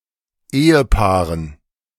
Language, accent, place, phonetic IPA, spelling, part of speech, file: German, Germany, Berlin, [ˈeːəˌpaːʁən], Ehepaaren, noun, De-Ehepaaren.ogg
- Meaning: dative plural of Ehepaar